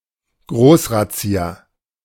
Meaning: a large police raid
- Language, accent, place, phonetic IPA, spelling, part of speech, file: German, Germany, Berlin, [ˈɡʁoːsˌʁat͡si̯a], Großrazzia, noun, De-Großrazzia.ogg